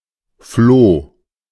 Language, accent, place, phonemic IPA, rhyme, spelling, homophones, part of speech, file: German, Germany, Berlin, /floː/, -oː, Floh, Flo / floh, noun, De-Floh.ogg
- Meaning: flea (parasitic insect)